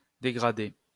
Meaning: 1. to demote (lower someone's position in an organisation) 2. to degrade (lessen someone's reputation) 3. to deface (vandalise)
- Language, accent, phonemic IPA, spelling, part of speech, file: French, France, /de.ɡʁa.de/, dégrader, verb, LL-Q150 (fra)-dégrader.wav